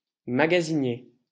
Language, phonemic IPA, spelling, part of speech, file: French, /ma.ɡa.zi.nje/, magasinier, noun, LL-Q150 (fra)-magasinier.wav
- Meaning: warehouseman, storekeeper, stockman